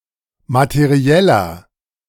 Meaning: 1. comparative degree of materiell 2. inflection of materiell: strong/mixed nominative masculine singular 3. inflection of materiell: strong genitive/dative feminine singular
- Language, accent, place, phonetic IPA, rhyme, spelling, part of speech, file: German, Germany, Berlin, [matəˈʁi̯ɛlɐ], -ɛlɐ, materieller, adjective, De-materieller.ogg